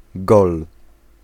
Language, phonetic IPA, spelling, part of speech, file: Polish, [ɡɔl], gol, noun / verb, Pl-gol.ogg